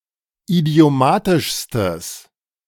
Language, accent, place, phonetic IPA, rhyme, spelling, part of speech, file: German, Germany, Berlin, [idi̯oˈmaːtɪʃstəs], -aːtɪʃstəs, idiomatischstes, adjective, De-idiomatischstes.ogg
- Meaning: strong/mixed nominative/accusative neuter singular superlative degree of idiomatisch